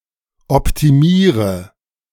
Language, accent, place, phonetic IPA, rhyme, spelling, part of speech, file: German, Germany, Berlin, [ɔptiˈmiːʁə], -iːʁə, optimiere, verb, De-optimiere.ogg
- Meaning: inflection of optimieren: 1. first-person singular present 2. singular imperative 3. first/third-person singular subjunctive I